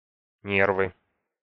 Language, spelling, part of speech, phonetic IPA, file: Russian, нервы, noun, [ˈnʲervɨ], Ru-нервы.ogg
- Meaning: nominative/accusative plural of нерв (nerv)